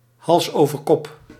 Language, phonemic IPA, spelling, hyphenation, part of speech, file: Dutch, /ˌɦɑls.oː.vərˈkɔp/, halsoverkop, hals‧over‧kop, adverb, Nl-halsoverkop.ogg
- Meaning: 1. head over heels, somersaulting 2. head over heels, frantically 3. head over heels, deeply